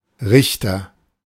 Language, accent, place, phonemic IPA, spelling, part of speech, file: German, Germany, Berlin, /ˈʁɪçtɐ/, Richter, noun / proper noun, De-Richter.ogg
- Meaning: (noun) judge; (proper noun) 1. a surname originating as an occupation 2. Judges: Book of Judges (book of the Bible)